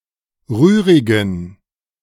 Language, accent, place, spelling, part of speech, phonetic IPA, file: German, Germany, Berlin, rührigen, adjective, [ˈʁyːʁɪɡn̩], De-rührigen.ogg
- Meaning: inflection of rührig: 1. strong genitive masculine/neuter singular 2. weak/mixed genitive/dative all-gender singular 3. strong/weak/mixed accusative masculine singular 4. strong dative plural